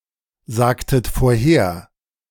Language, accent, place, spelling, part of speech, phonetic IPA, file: German, Germany, Berlin, sagtet vorher, verb, [ˌzaːktət foːɐ̯ˈheːɐ̯], De-sagtet vorher.ogg
- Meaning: inflection of vorhersagen: 1. second-person plural preterite 2. second-person plural subjunctive II